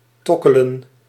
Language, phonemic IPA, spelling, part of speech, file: Dutch, /ˈtɔkələ(n)/, tokkelen, verb, Nl-tokkelen.ogg
- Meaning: 1. to pluck strings 2. to strum instruments 3. to tick, tap staccato 4. to tap, touch repeatedly, in various ways meanings